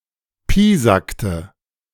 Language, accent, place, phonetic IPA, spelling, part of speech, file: German, Germany, Berlin, [ˈpiːzaktə], piesackte, verb, De-piesackte.ogg
- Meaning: inflection of piesacken: 1. first/third-person singular preterite 2. first/third-person singular subjunctive II